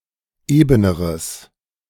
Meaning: strong/mixed nominative/accusative neuter singular comparative degree of eben
- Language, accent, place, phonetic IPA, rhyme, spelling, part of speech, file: German, Germany, Berlin, [ˈeːbənəʁəs], -eːbənəʁəs, ebeneres, adjective, De-ebeneres.ogg